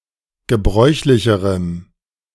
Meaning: strong dative masculine/neuter singular comparative degree of gebräuchlich
- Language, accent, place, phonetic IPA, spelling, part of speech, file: German, Germany, Berlin, [ɡəˈbʁɔɪ̯çlɪçəʁəm], gebräuchlicherem, adjective, De-gebräuchlicherem.ogg